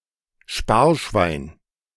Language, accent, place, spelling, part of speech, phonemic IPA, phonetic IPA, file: German, Germany, Berlin, Sparschwein, noun, /ˈʃpaːrˌʃvaɪ̯n/, [ˈʃpaː(ɐ̯)ˌʃʋaɪ̯n], De-Sparschwein.ogg
- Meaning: piggy bank (container for coins, prototypically, but not necessarily, in the form of a pig)